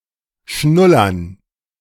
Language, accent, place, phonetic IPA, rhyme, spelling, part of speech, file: German, Germany, Berlin, [ˈʃnʊlɐn], -ʊlɐn, Schnullern, noun, De-Schnullern.ogg
- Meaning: dative plural of Schnuller